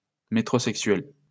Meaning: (adjective) metrosexual
- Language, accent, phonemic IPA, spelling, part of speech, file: French, France, /me.tʁo.sɛk.sɥɛl/, métrosexuel, adjective / noun, LL-Q150 (fra)-métrosexuel.wav